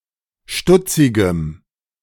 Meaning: strong dative masculine/neuter singular of stutzig
- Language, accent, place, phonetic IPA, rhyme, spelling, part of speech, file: German, Germany, Berlin, [ˈʃtʊt͡sɪɡəm], -ʊt͡sɪɡəm, stutzigem, adjective, De-stutzigem.ogg